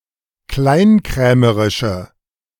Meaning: inflection of kleinkrämerisch: 1. strong/mixed nominative/accusative feminine singular 2. strong nominative/accusative plural 3. weak nominative all-gender singular
- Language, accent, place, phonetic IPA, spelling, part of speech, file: German, Germany, Berlin, [ˈklaɪ̯nˌkʁɛːməʁɪʃə], kleinkrämerische, adjective, De-kleinkrämerische.ogg